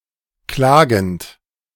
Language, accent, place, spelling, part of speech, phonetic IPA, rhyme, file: German, Germany, Berlin, klagend, verb, [ˈklaːɡn̩t], -aːɡn̩t, De-klagend.ogg
- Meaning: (verb) present participle of klagen; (adjective) wailing, complaining, lamenting, bewailing